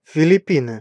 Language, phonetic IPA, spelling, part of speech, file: Russian, [fʲɪlʲɪˈpʲinɨ], Филиппины, proper noun, Ru-Филиппины.ogg
- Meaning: Philippines (a country and archipelago of Southeast Asia; capital: Manila)